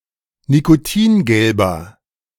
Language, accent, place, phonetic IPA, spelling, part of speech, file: German, Germany, Berlin, [nikoˈtiːnˌɡɛlbɐ], nikotingelber, adjective, De-nikotingelber.ogg
- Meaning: inflection of nikotingelb: 1. strong/mixed nominative masculine singular 2. strong genitive/dative feminine singular 3. strong genitive plural